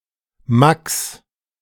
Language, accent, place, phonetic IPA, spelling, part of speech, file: German, Germany, Berlin, [maks], Max, proper noun, De-Max.ogg
- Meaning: an a popular diminutive of the male given name Maximilian